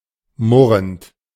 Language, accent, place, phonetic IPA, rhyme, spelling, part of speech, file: German, Germany, Berlin, [ˈmʊʁənt], -ʊʁənt, murrend, verb, De-murrend.ogg
- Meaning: present participle of murren